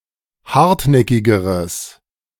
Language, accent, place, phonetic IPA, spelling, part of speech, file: German, Germany, Berlin, [ˈhaʁtˌnɛkɪɡəʁəs], hartnäckigeres, adjective, De-hartnäckigeres.ogg
- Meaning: strong/mixed nominative/accusative neuter singular comparative degree of hartnäckig